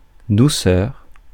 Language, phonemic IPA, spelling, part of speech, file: French, /du.sœʁ/, douceur, noun, Fr-douceur.ogg
- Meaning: 1. softness, tenderness 2. sweetness